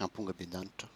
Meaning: pomegranate
- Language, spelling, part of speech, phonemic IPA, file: Malagasy, ampongabendanitra, noun, /aᵐpuᵑɡabeⁿdanit͡ʂḁ/, Mg-ampongabendanitra.ogg